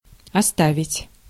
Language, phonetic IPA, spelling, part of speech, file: Russian, [ɐˈstavʲɪtʲ], оставить, verb, Ru-оставить.ogg
- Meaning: 1. to leave, to leave alone 2. to abandon 3. to give up 4. to drop, to stop 5. to keep, to reserve